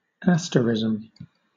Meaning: An unofficial constellation (small group of stars that forms a visible pattern)
- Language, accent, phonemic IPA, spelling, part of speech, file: English, Southern England, /ˈas.təˌɹɪz.əm/, asterism, noun, LL-Q1860 (eng)-asterism.wav